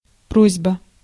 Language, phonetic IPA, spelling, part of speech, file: Russian, [ˈprozʲbə], просьба, noun, Ru-просьба.ogg
- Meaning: 1. request, entreaty, plea 2. petition, application 3. it is requested, we ask, please